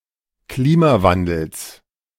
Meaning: genitive singular of Klimawandel
- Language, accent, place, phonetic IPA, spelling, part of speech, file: German, Germany, Berlin, [ˈkliːmaˌvandl̩s], Klimawandels, noun, De-Klimawandels.ogg